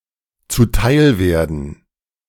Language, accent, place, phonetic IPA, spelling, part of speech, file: German, Germany, Berlin, [t͡suˈtaɪ̯lˌveːɐ̯dn̩], zuteilwerden, verb, De-zuteilwerden.ogg
- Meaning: to be granted